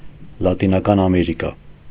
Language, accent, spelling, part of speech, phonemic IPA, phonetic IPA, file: Armenian, Eastern Armenian, Լատինական Ամերիկա, proper noun, /lɑtinɑˈkɑn ɑmeɾiˈkɑ/, [lɑtinɑkɑ́n ɑmeɾikɑ́], Hy-Լատինական Ամերիկա.ogg